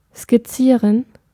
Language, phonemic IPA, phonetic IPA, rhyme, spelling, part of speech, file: German, /skɪˈtsiːʁən/, [skɪˈtsiːɐ̯n], -iːʁən, skizzieren, verb, De-skizzieren.ogg
- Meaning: 1. to sketch (to create a sketch) 2. to outline